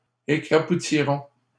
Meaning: first-person plural simple future of écrapoutir
- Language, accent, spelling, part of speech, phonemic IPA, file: French, Canada, écrapoutirons, verb, /e.kʁa.pu.ti.ʁɔ̃/, LL-Q150 (fra)-écrapoutirons.wav